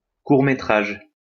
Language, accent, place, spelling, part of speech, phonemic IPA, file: French, France, Lyon, court-métrage, noun, /kuʁ.me.tʁaʒ/, LL-Q150 (fra)-court-métrage.wav
- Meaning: short film